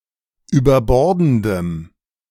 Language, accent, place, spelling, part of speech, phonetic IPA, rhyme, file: German, Germany, Berlin, überbordendem, adjective, [yːbɐˈbɔʁdn̩dəm], -ɔʁdn̩dəm, De-überbordendem.ogg
- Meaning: strong dative masculine/neuter singular of überbordend